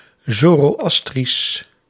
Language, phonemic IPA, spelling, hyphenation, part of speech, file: Dutch, /ˌzoː.roːˈɑs.tris/, zoroastrisch, zo‧ro‧as‧trisch, adjective, Nl-zoroastrisch.ogg
- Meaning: Zoroastrian